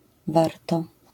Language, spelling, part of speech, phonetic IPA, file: Polish, warto, verb, [ˈvartɔ], LL-Q809 (pol)-warto.wav